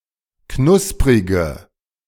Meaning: inflection of knusprig: 1. strong/mixed nominative/accusative feminine singular 2. strong nominative/accusative plural 3. weak nominative all-gender singular
- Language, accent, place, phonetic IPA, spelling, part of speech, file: German, Germany, Berlin, [ˈknʊspʁɪɡə], knusprige, adjective, De-knusprige.ogg